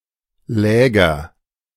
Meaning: nominative/accusative/genitive plural of Lager
- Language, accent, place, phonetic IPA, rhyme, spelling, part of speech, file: German, Germany, Berlin, [ˈlɛːɡɐ], -ɛːɡɐ, Läger, noun, De-Läger.ogg